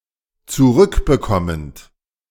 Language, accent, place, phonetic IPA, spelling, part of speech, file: German, Germany, Berlin, [t͡suˈʁʏkbəˌkɔmənt], zurückbekommend, verb, De-zurückbekommend.ogg
- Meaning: present participle of zurückbekommen